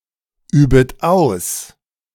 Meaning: second-person plural subjunctive I of ausüben
- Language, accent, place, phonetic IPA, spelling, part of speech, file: German, Germany, Berlin, [ˌyːbət ˈaʊ̯s], übet aus, verb, De-übet aus.ogg